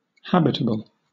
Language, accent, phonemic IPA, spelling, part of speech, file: English, Southern England, /ˈhabɪtəb(ə)l/, habitable, adjective, LL-Q1860 (eng)-habitable.wav
- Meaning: 1. Safe and comfortable, where humans, or other animals, can live; fit for habitation 2. Of an astronomical object: capable of supporting, or giving rise to, life